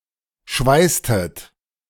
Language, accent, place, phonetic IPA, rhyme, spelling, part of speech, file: German, Germany, Berlin, [ˈʃvaɪ̯stət], -aɪ̯stət, schweißtet, verb, De-schweißtet.ogg
- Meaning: inflection of schweißen: 1. second-person plural preterite 2. second-person plural subjunctive II